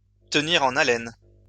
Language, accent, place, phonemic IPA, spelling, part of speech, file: French, France, Lyon, /tə.ni.ʁ‿ɑ̃.n‿a.lɛn/, tenir en haleine, verb, LL-Q150 (fra)-tenir en haleine.wav
- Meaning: to keep someone on their toes; to keep someone in bated breath, to keep someone in a state of uncertainty, be it hopeful or fearful